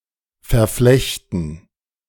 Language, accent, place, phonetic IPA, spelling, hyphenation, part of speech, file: German, Germany, Berlin, [fɛɐ̯ˈflɛçtn̩], verflechten, ver‧flech‧ten, verb, De-verflechten.ogg
- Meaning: to interweave